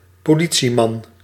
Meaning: synonym of politieagent
- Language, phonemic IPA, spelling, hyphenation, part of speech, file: Dutch, /poː.ˈli(t).si.mɑn/, politieman, po‧li‧tie‧man, noun, Nl-politieman.ogg